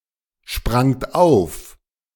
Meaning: second-person plural preterite of aufspringen
- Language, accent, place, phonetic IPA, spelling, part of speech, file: German, Germany, Berlin, [ˌʃpʁaŋt ˈaʊ̯f], sprangt auf, verb, De-sprangt auf.ogg